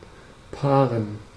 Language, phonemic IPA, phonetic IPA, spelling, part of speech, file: German, /ˈpaːʁən/, [ˈpʰaːʁn̩], paaren, verb, De-paaren.ogg
- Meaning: to mate, to pair